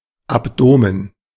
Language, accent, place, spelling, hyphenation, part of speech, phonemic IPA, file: German, Germany, Berlin, Abdomen, Ab‧do‧men, noun, /ˌapˈdoːmən/, De-Abdomen.ogg
- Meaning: abdomen